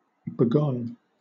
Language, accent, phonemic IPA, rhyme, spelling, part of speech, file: English, Southern England, /bəˈɡɒn/, -ɒn, begone, verb, LL-Q1860 (eng)-begone.wav
- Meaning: past participle of bego